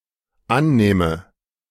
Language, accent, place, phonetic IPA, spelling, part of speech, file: German, Germany, Berlin, [ˈanˌnɛːmə], annähme, verb, De-annähme.ogg
- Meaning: first/third-person singular dependent subjunctive II of annehmen